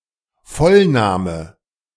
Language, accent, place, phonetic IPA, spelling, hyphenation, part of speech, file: German, Germany, Berlin, [ˈfɔlˌnaːmə], Vollname, Voll‧na‧me, noun, De-Vollname.ogg
- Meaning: full name